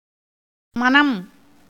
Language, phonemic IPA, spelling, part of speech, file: Tamil, /mɐnɐm/, மனம், noun, Ta-மனம்.ogg
- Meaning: 1. mind, heart, will 2. memory 3. purpose, intention, sentiment 4. desire